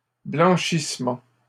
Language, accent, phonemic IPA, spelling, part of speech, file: French, Canada, /blɑ̃.ʃis.mɑ̃/, blanchissement, noun, LL-Q150 (fra)-blanchissement.wav
- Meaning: 1. washing 2. whitening